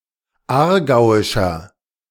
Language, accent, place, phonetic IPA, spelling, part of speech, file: German, Germany, Berlin, [ˈaːɐ̯ˌɡaʊ̯ɪʃɐ], aargauischer, adjective, De-aargauischer.ogg
- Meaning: 1. comparative degree of aargauisch 2. inflection of aargauisch: strong/mixed nominative masculine singular 3. inflection of aargauisch: strong genitive/dative feminine singular